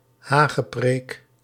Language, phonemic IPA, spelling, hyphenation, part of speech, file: Dutch, /ˈɦaː.ɣəˌpreːk/, hagepreek, ha‧ge‧preek, noun, Nl-hagepreek.ogg
- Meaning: superseded spelling of hagenpreek